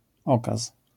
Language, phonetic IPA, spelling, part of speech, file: Polish, [ˈɔkas], okaz, noun, LL-Q809 (pol)-okaz.wav